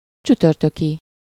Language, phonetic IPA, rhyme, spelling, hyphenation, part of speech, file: Hungarian, [ˈt͡ʃytørtøki], -ki, csütörtöki, csü‧tör‧tö‧ki, adjective, Hu-csütörtöki.ogg
- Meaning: Thursday, of Thursday, Thursday's